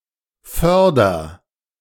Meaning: inflection of fördern: 1. first-person singular present 2. singular imperative
- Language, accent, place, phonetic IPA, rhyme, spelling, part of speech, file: German, Germany, Berlin, [ˈfœʁdɐ], -œʁdɐ, förder, verb, De-förder.ogg